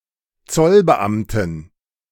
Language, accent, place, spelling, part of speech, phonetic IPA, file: German, Germany, Berlin, Zollbeamten, noun, [ˈt͡sɔlbəˌʔamtn̩], De-Zollbeamten.ogg
- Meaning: inflection of Zollbeamter: 1. strong genitive/accusative singular 2. strong dative plural 3. weak/mixed genitive/dative/accusative singular 4. weak/mixed all-case plural